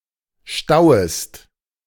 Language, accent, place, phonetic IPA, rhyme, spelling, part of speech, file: German, Germany, Berlin, [ˈʃtaʊ̯əst], -aʊ̯əst, stauest, verb, De-stauest.ogg
- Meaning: second-person singular subjunctive I of stauen